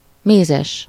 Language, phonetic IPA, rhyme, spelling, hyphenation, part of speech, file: Hungarian, [ˈmeːzɛʃ], -ɛʃ, mézes, mé‧zes, adjective, Hu-mézes.ogg
- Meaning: 1. honey, honeyed (prepared with honey) 2. honey (sticky or stained with honey) 3. honey (used for storing honey) 4. sweet (very sweet, sweeter than usual)